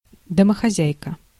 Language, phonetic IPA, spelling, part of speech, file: Russian, [dəməxɐˈzʲæjkə], домохозяйка, noun, Ru-домохозяйка.ogg
- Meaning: housewife